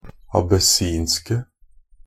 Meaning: 1. definite singular of abessinsk 2. plural of abessinsk
- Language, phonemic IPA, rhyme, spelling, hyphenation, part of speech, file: Norwegian Bokmål, /abəˈsiːnskə/, -iːnskə, abessinske, ab‧es‧sin‧ske, adjective, NB - Pronunciation of Norwegian Bokmål «abessinske».ogg